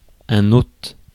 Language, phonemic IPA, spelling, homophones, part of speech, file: French, /ot/, hôte, hôtes / ôte / ôtes / haute, noun, Fr-hôte.ogg
- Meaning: 1. guest (one who is received) 2. host (one who receives) 3. host (being that carries a parasite)